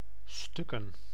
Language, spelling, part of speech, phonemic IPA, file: Dutch, stukken, noun, /ˈstʏkə(n)/, Nl-stukken.ogg
- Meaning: plural of stuk